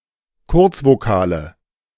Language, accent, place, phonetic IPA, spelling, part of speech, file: German, Germany, Berlin, [ˈkʊʁt͡svoˌkaːlə], Kurzvokale, noun, De-Kurzvokale.ogg
- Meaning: nominative/accusative/genitive plural of Kurzvokal